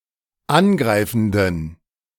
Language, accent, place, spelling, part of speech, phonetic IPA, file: German, Germany, Berlin, angreifenden, adjective, [ˈanˌɡʁaɪ̯fn̩dən], De-angreifenden.ogg
- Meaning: inflection of angreifend: 1. strong genitive masculine/neuter singular 2. weak/mixed genitive/dative all-gender singular 3. strong/weak/mixed accusative masculine singular 4. strong dative plural